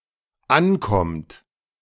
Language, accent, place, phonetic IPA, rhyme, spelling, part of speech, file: German, Germany, Berlin, [ˈanˌkɔmt], -ankɔmt, ankommt, verb, De-ankommt.ogg
- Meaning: inflection of ankommen: 1. third-person singular dependent present 2. second-person plural dependent present